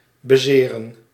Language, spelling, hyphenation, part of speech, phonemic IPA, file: Dutch, bezeren, be‧ze‧ren, verb, /bəˈzeːrə(n)/, Nl-bezeren.ogg
- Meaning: 1. to hurt, cause pain and/or injury 2. to hurt oneself, to get hurt